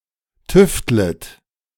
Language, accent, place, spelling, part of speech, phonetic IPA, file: German, Germany, Berlin, tüftlet, verb, [ˈtʏftlət], De-tüftlet.ogg
- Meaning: second-person plural subjunctive I of tüfteln